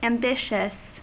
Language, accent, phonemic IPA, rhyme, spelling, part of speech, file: English, US, /æmˈbɪʃ.əs/, -ɪʃəs, ambitious, adjective, En-us-ambitious.ogg
- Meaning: 1. Having or showing ambition; wanting a lot of power, honor, respect, superiority, or other distinction 2. Very desirous 3. Resulting from, characterized by, or indicating, ambition